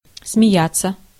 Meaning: 1. to laugh 2. to laugh at (над кем, над чем) 3. to mock, to deride
- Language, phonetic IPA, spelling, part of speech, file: Russian, [smʲɪˈjat͡sːə], смеяться, verb, Ru-смеяться.ogg